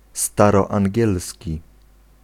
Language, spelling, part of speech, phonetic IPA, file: Polish, staroangielski, adjective, [ˌstarɔãŋʲˈɟɛlsʲci], Pl-staroangielski.ogg